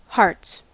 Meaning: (noun) 1. plural of heart 2. One of the four suits of playing cards, in red, marked with the symbol ♥
- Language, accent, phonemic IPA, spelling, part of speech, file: English, US, /hɑɹts/, hearts, noun / verb, En-us-hearts.ogg